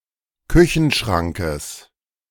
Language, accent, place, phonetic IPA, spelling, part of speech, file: German, Germany, Berlin, [ˈkʏçn̩ˌʃʁaŋkəs], Küchenschrankes, noun, De-Küchenschrankes.ogg
- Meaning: genitive singular of Küchenschrank